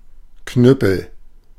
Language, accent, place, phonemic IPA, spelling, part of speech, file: German, Germany, Berlin, /ˈknʏpəl/, Knüppel, noun, De-Knüppel.ogg
- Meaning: cudgel